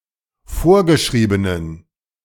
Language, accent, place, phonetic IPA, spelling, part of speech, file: German, Germany, Berlin, [ˈfoːɐ̯ɡəˌʃʁiːbənən], vorgeschriebenen, adjective, De-vorgeschriebenen.ogg
- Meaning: inflection of vorgeschrieben: 1. strong genitive masculine/neuter singular 2. weak/mixed genitive/dative all-gender singular 3. strong/weak/mixed accusative masculine singular 4. strong dative plural